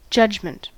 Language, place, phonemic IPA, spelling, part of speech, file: English, California, /ˈd͡ʒʌd͡ʒ.mɪnt/, judgment, noun, En-us-judgment.ogg
- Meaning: 1. The act of judging 2. The power or faculty of performing such operations; especially, when unqualified, the faculty of judging or deciding rightly, justly, or wisely